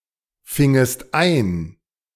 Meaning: second-person singular subjunctive II of einfangen
- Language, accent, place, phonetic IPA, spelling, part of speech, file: German, Germany, Berlin, [ˌfɪŋəst ˈaɪ̯n], fingest ein, verb, De-fingest ein.ogg